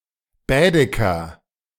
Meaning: Baedeker (travel guide)
- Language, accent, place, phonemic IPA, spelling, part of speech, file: German, Germany, Berlin, /ˈbɛːdɛkɐ/, Baedeker, noun, De-Baedeker.ogg